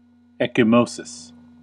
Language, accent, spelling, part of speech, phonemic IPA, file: English, US, ecchymosis, noun, /ˌɛk.ɪˈmoʊ.sɪs/, En-us-ecchymosis.ogg
- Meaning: A skin discoloration caused by bleeding underneath the skin, especially one that is remote from a site of trauma or caused by a non-traumatic process (such as neoplasia)